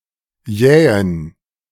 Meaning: inflection of jäh: 1. strong genitive masculine/neuter singular 2. weak/mixed genitive/dative all-gender singular 3. strong/weak/mixed accusative masculine singular 4. strong dative plural
- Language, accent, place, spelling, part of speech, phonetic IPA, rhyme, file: German, Germany, Berlin, jähen, adjective, [ˈjɛːən], -ɛːən, De-jähen.ogg